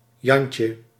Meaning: a (Dutch) marine or sailor
- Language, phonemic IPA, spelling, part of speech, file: Dutch, /ˈjɑɲcə/, jantje, noun, Nl-jantje.ogg